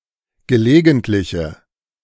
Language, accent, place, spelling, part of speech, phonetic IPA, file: German, Germany, Berlin, gelegentliche, adjective, [ɡəˈleːɡn̩tlɪçə], De-gelegentliche.ogg
- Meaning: inflection of gelegentlich: 1. strong/mixed nominative/accusative feminine singular 2. strong nominative/accusative plural 3. weak nominative all-gender singular